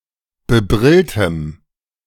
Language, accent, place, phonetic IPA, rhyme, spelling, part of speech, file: German, Germany, Berlin, [bəˈbʁɪltəm], -ɪltəm, bebrilltem, adjective, De-bebrilltem.ogg
- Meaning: strong dative masculine/neuter singular of bebrillt